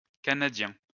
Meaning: masculine plural of canadien
- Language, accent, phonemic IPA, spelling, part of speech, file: French, France, /ka.na.djɛ̃/, canadiens, adjective, LL-Q150 (fra)-canadiens.wav